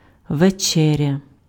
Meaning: supper
- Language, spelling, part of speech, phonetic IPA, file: Ukrainian, вечеря, noun, [ʋeˈt͡ʃɛrʲɐ], Uk-вечеря.ogg